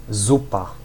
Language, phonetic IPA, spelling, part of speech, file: Polish, [ˈzupa], zupa, noun, Pl-zupa.ogg